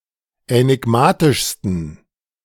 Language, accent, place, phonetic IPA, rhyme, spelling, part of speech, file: German, Germany, Berlin, [ɛnɪˈɡmaːtɪʃstn̩], -aːtɪʃstn̩, änigmatischsten, adjective, De-änigmatischsten.ogg
- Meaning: 1. superlative degree of änigmatisch 2. inflection of änigmatisch: strong genitive masculine/neuter singular superlative degree